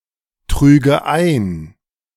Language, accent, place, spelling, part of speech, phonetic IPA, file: German, Germany, Berlin, trüge ein, verb, [ˌtʁyːɡə ˈaɪ̯n], De-trüge ein.ogg
- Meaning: first/third-person singular subjunctive II of eintragen